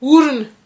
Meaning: nose
- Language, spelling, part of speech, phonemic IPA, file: Malagasy, orona, noun, /uɾunḁ/, Mg-orona.ogg